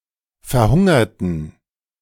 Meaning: inflection of verhungern: 1. first/third-person plural preterite 2. first/third-person plural subjunctive II
- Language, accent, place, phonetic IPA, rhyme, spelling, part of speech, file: German, Germany, Berlin, [fɛɐ̯ˈhʊŋɐtn̩], -ʊŋɐtn̩, verhungerten, adjective / verb, De-verhungerten.ogg